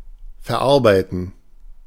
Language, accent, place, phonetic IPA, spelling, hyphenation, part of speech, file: German, Germany, Berlin, [fɛɐ̯ˈʔaʁbaɪ̯tn̩], verarbeiten, ver‧ar‧bei‧ten, verb, De-verarbeiten.ogg
- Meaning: to process, to handle, to manufacture